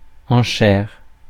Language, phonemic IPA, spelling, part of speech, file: French, /ɑ̃.ʃɛʁ/, enchère, noun, Fr-enchère.ogg
- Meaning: bid (in a sale, an auction or the card game bridge)